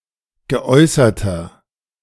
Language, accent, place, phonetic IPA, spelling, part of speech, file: German, Germany, Berlin, [ɡəˈʔɔɪ̯sɐtɐ], geäußerter, adjective, De-geäußerter.ogg
- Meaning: inflection of geäußert: 1. strong/mixed nominative masculine singular 2. strong genitive/dative feminine singular 3. strong genitive plural